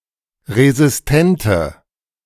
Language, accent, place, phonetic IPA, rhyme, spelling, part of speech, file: German, Germany, Berlin, [ʁezɪsˈtɛntə], -ɛntə, resistente, adjective, De-resistente.ogg
- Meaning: inflection of resistent: 1. strong/mixed nominative/accusative feminine singular 2. strong nominative/accusative plural 3. weak nominative all-gender singular